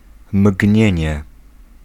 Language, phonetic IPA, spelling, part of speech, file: Polish, [ˈmʲɟɲɛ̇̃ɲɛ], mgnienie, noun, Pl-mgnienie.ogg